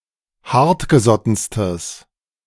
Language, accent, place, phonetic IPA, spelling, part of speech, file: German, Germany, Berlin, [ˈhaʁtɡəˌzɔtn̩stəs], hartgesottenstes, adjective, De-hartgesottenstes.ogg
- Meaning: strong/mixed nominative/accusative neuter singular superlative degree of hartgesotten